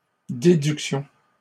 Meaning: plural of déduction
- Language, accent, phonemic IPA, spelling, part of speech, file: French, Canada, /de.dyk.sjɔ̃/, déductions, noun, LL-Q150 (fra)-déductions.wav